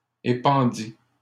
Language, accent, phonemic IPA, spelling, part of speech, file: French, Canada, /e.pɑ̃.di/, épandit, verb, LL-Q150 (fra)-épandit.wav
- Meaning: third-person singular past historic of épandre